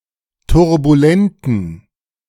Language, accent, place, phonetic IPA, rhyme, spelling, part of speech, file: German, Germany, Berlin, [tʊʁbuˈlɛntn̩], -ɛntn̩, turbulenten, adjective, De-turbulenten.ogg
- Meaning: inflection of turbulent: 1. strong genitive masculine/neuter singular 2. weak/mixed genitive/dative all-gender singular 3. strong/weak/mixed accusative masculine singular 4. strong dative plural